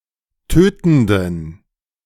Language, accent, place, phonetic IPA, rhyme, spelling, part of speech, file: German, Germany, Berlin, [ˈtøːtn̩dən], -øːtn̩dən, tötenden, adjective, De-tötenden.ogg
- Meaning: inflection of tötend: 1. strong genitive masculine/neuter singular 2. weak/mixed genitive/dative all-gender singular 3. strong/weak/mixed accusative masculine singular 4. strong dative plural